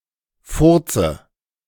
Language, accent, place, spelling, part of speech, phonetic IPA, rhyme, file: German, Germany, Berlin, Furze, noun, [ˈfʊʁt͡sə], -ʊʁt͡sə, De-Furze.ogg
- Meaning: dative singular of Furz